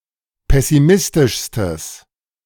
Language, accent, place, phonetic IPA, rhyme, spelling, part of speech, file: German, Germany, Berlin, [ˌpɛsiˈmɪstɪʃstəs], -ɪstɪʃstəs, pessimistischstes, adjective, De-pessimistischstes.ogg
- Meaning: strong/mixed nominative/accusative neuter singular superlative degree of pessimistisch